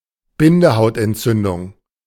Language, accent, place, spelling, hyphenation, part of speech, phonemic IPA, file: German, Germany, Berlin, Bindehautentzündung, Bin‧de‧haut‧ent‧zün‧dung, noun, /ˈbɪndəhaʊ̯tɛntˌt͡sʏndʊŋ/, De-Bindehautentzündung.ogg
- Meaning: conjunctivitis, pinkeye